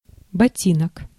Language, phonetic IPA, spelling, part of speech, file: Russian, [bɐˈtʲinək], ботинок, noun, Ru-ботинок.ogg
- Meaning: 1. lace-boot 2. high shoe